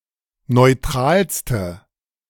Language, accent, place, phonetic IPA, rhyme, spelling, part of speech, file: German, Germany, Berlin, [nɔɪ̯ˈtʁaːlstə], -aːlstə, neutralste, adjective, De-neutralste.ogg
- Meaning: inflection of neutral: 1. strong/mixed nominative/accusative feminine singular superlative degree 2. strong nominative/accusative plural superlative degree